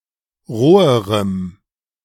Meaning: strong dative masculine/neuter singular comparative degree of roh
- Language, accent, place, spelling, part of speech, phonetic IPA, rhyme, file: German, Germany, Berlin, roherem, adjective, [ˈʁoːəʁəm], -oːəʁəm, De-roherem.ogg